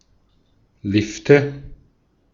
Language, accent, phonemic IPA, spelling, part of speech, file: German, Austria, /ˈlɪftə/, Lifte, noun, De-at-Lifte.ogg
- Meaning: nominative/accusative/genitive plural of Lift